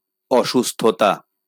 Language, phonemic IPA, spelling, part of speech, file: Bengali, /ɔʃustʰɔta/, অসুস্থতা, noun, LL-Q9610 (ben)-অসুস্থতা.wav
- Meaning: sickness, illness